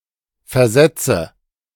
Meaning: inflection of versetzen: 1. first-person singular present 2. first/third-person singular subjunctive I 3. singular imperative
- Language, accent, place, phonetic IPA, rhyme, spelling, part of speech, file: German, Germany, Berlin, [fɛɐ̯ˈzɛt͡sə], -ɛt͡sə, versetze, verb, De-versetze.ogg